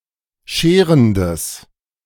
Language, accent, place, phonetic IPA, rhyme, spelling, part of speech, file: German, Germany, Berlin, [ˈʃeːʁəndəs], -eːʁəndəs, scherendes, adjective, De-scherendes.ogg
- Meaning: strong/mixed nominative/accusative neuter singular of scherend